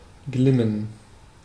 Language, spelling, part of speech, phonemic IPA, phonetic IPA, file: German, glimmen, verb, /ˈɡlɪmən/, [ˈɡlɪmn̩], De-glimmen.ogg
- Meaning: 1. to shine 2. to glow, to smolder